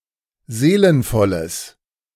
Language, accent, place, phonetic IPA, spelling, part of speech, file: German, Germany, Berlin, [ˈzeːlənfɔləs], seelenvolles, adjective, De-seelenvolles.ogg
- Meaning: strong/mixed nominative/accusative neuter singular of seelenvoll